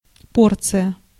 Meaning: portion
- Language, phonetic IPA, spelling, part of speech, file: Russian, [ˈport͡sɨjə], порция, noun, Ru-порция.ogg